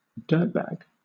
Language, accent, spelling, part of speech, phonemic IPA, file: English, Southern England, dirtbag, noun, /ˈdɜɹtbaɡ/, LL-Q1860 (eng)-dirtbag.wav
- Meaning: A dirty, grimy, sleazy, or disreputable person